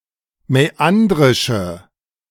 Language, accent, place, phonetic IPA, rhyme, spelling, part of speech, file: German, Germany, Berlin, [mɛˈandʁɪʃə], -andʁɪʃə, mäandrische, adjective, De-mäandrische.ogg
- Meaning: inflection of mäandrisch: 1. strong/mixed nominative/accusative feminine singular 2. strong nominative/accusative plural 3. weak nominative all-gender singular